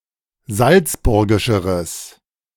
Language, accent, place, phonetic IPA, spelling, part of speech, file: German, Germany, Berlin, [ˈzalt͡sˌbʊʁɡɪʃəʁəs], salzburgischeres, adjective, De-salzburgischeres.ogg
- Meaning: strong/mixed nominative/accusative neuter singular comparative degree of salzburgisch